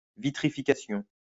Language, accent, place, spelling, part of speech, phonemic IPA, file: French, France, Lyon, vitrification, noun, /vi.tʁi.fi.ka.sjɔ̃/, LL-Q150 (fra)-vitrification.wav
- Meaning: vitrification